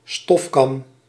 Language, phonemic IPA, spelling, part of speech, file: Dutch, /ˈstɔfkɑm/, stofkam, noun, Nl-stofkam.ogg
- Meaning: a very fine-toothed comb